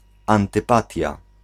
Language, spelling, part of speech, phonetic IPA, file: Polish, antypatia, noun, [ˌãntɨˈpatʲja], Pl-antypatia.ogg